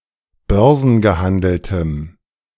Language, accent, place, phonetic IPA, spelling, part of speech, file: German, Germany, Berlin, [ˈbœʁzn̩ɡəˌhandl̩təm], börsengehandeltem, adjective, De-börsengehandeltem.ogg
- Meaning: strong dative masculine/neuter singular of börsengehandelt